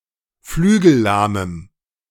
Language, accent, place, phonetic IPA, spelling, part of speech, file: German, Germany, Berlin, [ˈflyːɡl̩ˌlaːməm], flügellahmem, adjective, De-flügellahmem.ogg
- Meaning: strong dative masculine/neuter singular of flügellahm